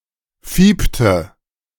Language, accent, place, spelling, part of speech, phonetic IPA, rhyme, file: German, Germany, Berlin, fiepte, verb, [ˈfiːptə], -iːptə, De-fiepte.ogg
- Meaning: inflection of fiepen: 1. first/third-person singular preterite 2. first/third-person singular subjunctive II